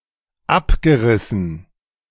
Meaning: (verb) past participle of abreißen; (adjective) 1. ragged, tattered 2. seedy 3. demolished
- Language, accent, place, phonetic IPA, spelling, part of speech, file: German, Germany, Berlin, [ˈapɡəˌʁɪsn̩], abgerissen, adjective / verb, De-abgerissen.ogg